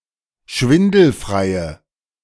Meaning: inflection of schwindelfrei: 1. strong/mixed nominative/accusative feminine singular 2. strong nominative/accusative plural 3. weak nominative all-gender singular
- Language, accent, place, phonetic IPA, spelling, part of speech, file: German, Germany, Berlin, [ˈʃvɪndl̩fʁaɪ̯ə], schwindelfreie, adjective, De-schwindelfreie.ogg